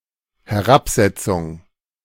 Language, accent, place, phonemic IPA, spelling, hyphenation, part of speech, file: German, Germany, Berlin, /hɛˈʁapˌˈzɛtsʊŋ/, Herabsetzung, He‧r‧ab‧set‧zung, noun, De-Herabsetzung.ogg
- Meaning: 1. decrease, reduction, lowering 2. disparagement, belittling 3. depreciation